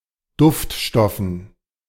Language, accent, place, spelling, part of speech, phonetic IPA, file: German, Germany, Berlin, Duftstoffen, noun, [ˈdʊftˌʃtɔfn̩], De-Duftstoffen.ogg
- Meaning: dative plural of Duftstoff